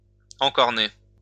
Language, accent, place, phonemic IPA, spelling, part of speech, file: French, France, Lyon, /ɑ̃.kɔʁ.ne/, encorner, verb, LL-Q150 (fra)-encorner.wav
- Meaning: 1. to horn, to ram with the horns 2. to cuckold